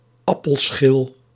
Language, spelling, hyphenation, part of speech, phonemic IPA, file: Dutch, appelschil, ap‧pel‧schil, noun, /ˈɑ.pəlˌsxɪl/, Nl-appelschil.ogg
- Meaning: apple peel, apple skin